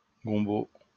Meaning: 1. okra 2. gumbo, a kind of soup or stew 3. the Louisiana Creole language
- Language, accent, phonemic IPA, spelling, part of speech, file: French, France, /ɡɔ̃.bo/, gombo, noun, LL-Q150 (fra)-gombo.wav